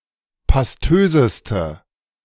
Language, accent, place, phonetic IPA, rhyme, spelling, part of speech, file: German, Germany, Berlin, [pasˈtøːzəstə], -øːzəstə, pastöseste, adjective, De-pastöseste.ogg
- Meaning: inflection of pastös: 1. strong/mixed nominative/accusative feminine singular superlative degree 2. strong nominative/accusative plural superlative degree